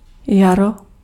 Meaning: spring (season)
- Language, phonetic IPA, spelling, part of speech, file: Czech, [ˈjaro], jaro, noun, Cs-jaro.ogg